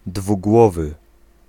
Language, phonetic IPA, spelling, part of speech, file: Polish, [dvuˈɡwɔvɨ], dwugłowy, adjective, Pl-dwugłowy.ogg